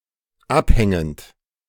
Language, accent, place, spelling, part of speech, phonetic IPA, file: German, Germany, Berlin, abhängend, verb, [ˈapˌhɛŋənt], De-abhängend.ogg
- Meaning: present participle of abhängen